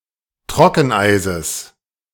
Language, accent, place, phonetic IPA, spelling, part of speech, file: German, Germany, Berlin, [ˈtʁɔkn̩ˌʔaɪ̯zəs], Trockeneises, noun, De-Trockeneises.ogg
- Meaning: genitive singular of Trockeneis